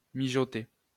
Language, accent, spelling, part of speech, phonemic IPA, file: French, France, mijoter, verb, /mi.ʒɔ.te/, LL-Q150 (fra)-mijoter.wav
- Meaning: to simmer